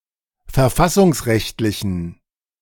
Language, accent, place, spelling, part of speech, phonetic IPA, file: German, Germany, Berlin, verfassungsrechtlichen, adjective, [fɛɐ̯ˈfasʊŋsˌʁɛçtlɪçn̩], De-verfassungsrechtlichen.ogg
- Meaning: inflection of verfassungsrechtlich: 1. strong genitive masculine/neuter singular 2. weak/mixed genitive/dative all-gender singular 3. strong/weak/mixed accusative masculine singular